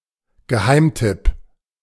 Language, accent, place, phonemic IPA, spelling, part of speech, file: German, Germany, Berlin, /ɡəˈhaɪ̯mˌtɪp/, Geheimtipp, noun, De-Geheimtipp.ogg
- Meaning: secret / insider tip, sleeper; hidden gem